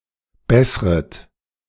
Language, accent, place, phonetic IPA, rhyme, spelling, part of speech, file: German, Germany, Berlin, [ˈbɛsʁət], -ɛsʁət, bessret, verb, De-bessret.ogg
- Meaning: second-person plural subjunctive I of bessern